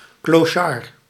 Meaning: vagrant, tramp, bum
- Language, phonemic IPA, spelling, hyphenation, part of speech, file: Dutch, /klɔˈʃaːr/, clochard, clo‧chard, noun, Nl-clochard.ogg